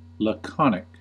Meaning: 1. Of speech or writing, communicative through the use of as few words as possible 2. Of a speaker or writer, communicating through the use of as few words as possible
- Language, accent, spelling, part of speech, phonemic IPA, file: English, US, laconic, adjective, /ləˈkɑnɪk/, En-us-laconic.ogg